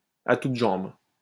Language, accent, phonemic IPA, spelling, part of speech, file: French, France, /a tut ʒɑ̃b/, à toutes jambes, adverb, LL-Q150 (fra)-à toutes jambes.wav
- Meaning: as fast as one's legs could carry one, at full speed, as quick as one can